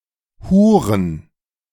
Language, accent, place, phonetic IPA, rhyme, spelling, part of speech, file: German, Germany, Berlin, [ˈhuːʁən], -uːʁən, Huren, noun, De-Huren.ogg
- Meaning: plural of Hure